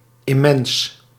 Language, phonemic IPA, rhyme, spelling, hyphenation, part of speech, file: Dutch, /ɪˈmɛns/, -ɛns, immens, im‧mens, adjective, Nl-immens.ogg
- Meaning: immense, enormous, huge